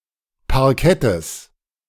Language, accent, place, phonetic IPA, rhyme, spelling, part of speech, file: German, Germany, Berlin, [paʁˈkɛtəs], -ɛtəs, Parkettes, noun, De-Parkettes.ogg
- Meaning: genitive singular of Parkett